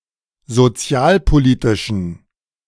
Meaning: inflection of sozialpolitisch: 1. strong genitive masculine/neuter singular 2. weak/mixed genitive/dative all-gender singular 3. strong/weak/mixed accusative masculine singular 4. strong dative plural
- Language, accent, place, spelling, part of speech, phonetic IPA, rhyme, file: German, Germany, Berlin, sozialpolitischen, adjective, [zoˈt͡si̯aːlpoˌliːtɪʃn̩], -aːlpoliːtɪʃn̩, De-sozialpolitischen.ogg